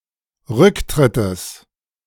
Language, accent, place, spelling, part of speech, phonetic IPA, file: German, Germany, Berlin, Rücktrittes, noun, [ˈʁʏkˌtʁɪtəs], De-Rücktrittes.ogg
- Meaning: genitive singular of Rücktritt